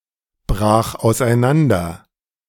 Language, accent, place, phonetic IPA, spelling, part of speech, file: German, Germany, Berlin, [ˌbʁaːx aʊ̯sʔaɪ̯ˈnandɐ], brach auseinander, verb, De-brach auseinander.ogg
- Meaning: first/third-person singular preterite of auseinanderbrechen